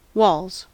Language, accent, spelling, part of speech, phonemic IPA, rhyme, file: English, US, walls, noun / verb, /wɔlz/, -ɔːlz, En-us-walls.ogg
- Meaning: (noun) 1. plural of wall 2. The vagina; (verb) third-person singular simple present indicative of wall